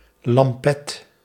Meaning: 1. a washbowl, a lavabo 2. a jug used for washing 3. a suspended bowl in which fuel is burnt
- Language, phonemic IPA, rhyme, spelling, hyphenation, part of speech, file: Dutch, /lɑmˈpɛt/, -ɛt, lampet, lam‧pet, noun, Nl-lampet.ogg